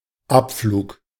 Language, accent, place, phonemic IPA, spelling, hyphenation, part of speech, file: German, Germany, Berlin, /ˈʔapfluːk/, Abflug, Ab‧flug, noun / interjection, De-Abflug.ogg
- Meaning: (noun) 1. take-off 2. departure; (interjection) take off!, beat it!, go away!